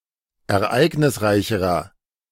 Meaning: inflection of ereignisreich: 1. strong/mixed nominative masculine singular comparative degree 2. strong genitive/dative feminine singular comparative degree
- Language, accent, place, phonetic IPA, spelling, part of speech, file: German, Germany, Berlin, [ɛɐ̯ˈʔaɪ̯ɡnɪsˌʁaɪ̯çəʁɐ], ereignisreicherer, adjective, De-ereignisreicherer.ogg